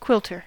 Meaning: 1. A person whose hobby or profession is making quilts 2. A person who uses a hand or machine stitch to decorate a quilt, or to sew together the layers of a quilt
- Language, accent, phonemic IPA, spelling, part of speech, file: English, US, /ˈkwɪtlɚ/, quilter, noun, En-us-quilter.ogg